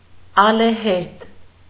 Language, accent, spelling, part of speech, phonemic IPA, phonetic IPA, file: Armenian, Eastern Armenian, ալեհերձ, adjective, /ɑleˈheɾd͡z/, [ɑlehéɾd͡z], Hy-ալեհերձ.ogg
- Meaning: wave-breaking